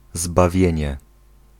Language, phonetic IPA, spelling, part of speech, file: Polish, [zbaˈvʲjɛ̇̃ɲɛ], zbawienie, noun, Pl-zbawienie.ogg